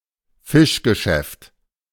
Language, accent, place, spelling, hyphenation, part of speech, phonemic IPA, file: German, Germany, Berlin, Fischgeschäft, Fisch‧ge‧schäft, noun, /ˈfɪʃɡəˌʃɛft/, De-Fischgeschäft.ogg
- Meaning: fish shop, fish store